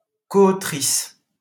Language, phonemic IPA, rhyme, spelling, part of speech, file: French, /ko.o.tʁis/, -is, coautrice, noun, LL-Q150 (fra)-coautrice.wav
- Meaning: female equivalent of coauteur